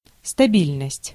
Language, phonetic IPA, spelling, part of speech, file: Russian, [stɐˈbʲilʲnəsʲtʲ], стабильность, noun, Ru-стабильность.ogg
- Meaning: stability